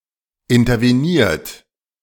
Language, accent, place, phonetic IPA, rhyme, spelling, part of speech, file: German, Germany, Berlin, [ɪntɐveˈniːɐ̯t], -iːɐ̯t, interveniert, verb, De-interveniert.ogg
- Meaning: 1. past participle of intervenieren 2. inflection of intervenieren: second-person plural present 3. inflection of intervenieren: third-person singular present